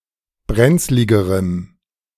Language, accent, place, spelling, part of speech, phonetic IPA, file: German, Germany, Berlin, brenzligerem, adjective, [ˈbʁɛnt͡slɪɡəʁəm], De-brenzligerem.ogg
- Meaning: strong dative masculine/neuter singular comparative degree of brenzlig